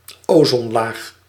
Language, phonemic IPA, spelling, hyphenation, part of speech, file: Dutch, /ˈoː.zɔn.laːx/, ozonlaag, ozon‧laag, noun, Nl-ozonlaag.ogg
- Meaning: ozone layer